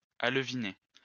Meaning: to stock a river/lake with fry (young fish)
- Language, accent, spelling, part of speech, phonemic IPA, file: French, France, aleviner, verb, /al.vi.ne/, LL-Q150 (fra)-aleviner.wav